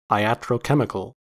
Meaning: Of or relating to iatrochemistry
- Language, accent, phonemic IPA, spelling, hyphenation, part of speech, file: English, US, /aɪˌæt.ɹoʊˈkɛm.ɪ.kəl/, iatrochemical, ia‧tro‧che‧mi‧cal, adjective, En-us-iatrochemical.ogg